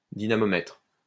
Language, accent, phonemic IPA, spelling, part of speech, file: French, France, /di.na.mɔ.mɛtʁ/, dynamomètre, noun, LL-Q150 (fra)-dynamomètre.wav
- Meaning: dynamometer